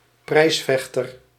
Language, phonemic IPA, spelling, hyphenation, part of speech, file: Dutch, /ˈprɛi̯sˌfɛx.tər/, prijsvechter, prijs‧vech‧ter, noun, Nl-prijsvechter.ogg
- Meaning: 1. a prizefighter 2. a business that competes by offering relatively low prices